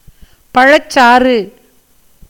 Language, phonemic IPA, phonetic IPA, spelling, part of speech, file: Tamil, /pɐɻɐtʃtʃɑːrɯ/, [pɐɻɐssäːrɯ], பழச்சாறு, noun, Ta-பழச்சாறு.ogg
- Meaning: fruit juice